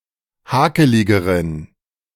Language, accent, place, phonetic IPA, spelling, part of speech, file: German, Germany, Berlin, [ˈhaːkəlɪɡəʁən], hakeligeren, adjective, De-hakeligeren.ogg
- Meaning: inflection of hakelig: 1. strong genitive masculine/neuter singular comparative degree 2. weak/mixed genitive/dative all-gender singular comparative degree